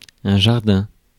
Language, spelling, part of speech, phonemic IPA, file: French, jardin, noun, /ʒaʁ.dɛ̃/, Fr-jardin.ogg
- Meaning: garden